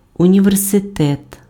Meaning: university
- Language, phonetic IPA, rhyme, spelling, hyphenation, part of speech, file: Ukrainian, [ʊnʲiʋerseˈtɛt], -ɛt, університет, уні‧вер‧си‧тет, noun, Uk-університет.ogg